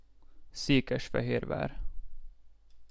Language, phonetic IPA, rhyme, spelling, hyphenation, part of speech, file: Hungarian, [ˈseːkɛʃfɛɦeːrvaːr], -aːr, Székesfehérvár, Szé‧kes‧fe‧hér‧vár, proper noun, Hu-Székesfehérvár.ogg
- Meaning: a city in Fejér County, Hungary